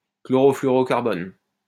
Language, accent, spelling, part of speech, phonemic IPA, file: French, France, chlorofluorocarbone, noun, /klɔ.ʁɔ.fly.ɔ.ʁɔ.kaʁ.bɔn/, LL-Q150 (fra)-chlorofluorocarbone.wav
- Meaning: chlorofluorocarbon